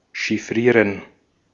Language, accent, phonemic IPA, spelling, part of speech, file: German, Austria, /ʃɪfˈʁiːʁən/, chiffrieren, verb, De-at-chiffrieren.ogg
- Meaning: to encode